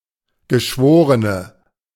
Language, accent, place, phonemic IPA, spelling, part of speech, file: German, Germany, Berlin, /ɡəˈʃvoːʁənə/, Geschworene, noun, De-Geschworene.ogg
- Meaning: 1. female equivalent of Geschworener: female juror 2. inflection of Geschworener: strong nominative/accusative plural 3. inflection of Geschworener: weak nominative singular